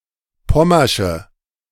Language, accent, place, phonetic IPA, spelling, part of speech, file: German, Germany, Berlin, [ˈpɔmɐʃə], pommersche, adjective, De-pommersche.ogg
- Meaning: inflection of pommersch: 1. strong/mixed nominative/accusative feminine singular 2. strong nominative/accusative plural 3. weak nominative all-gender singular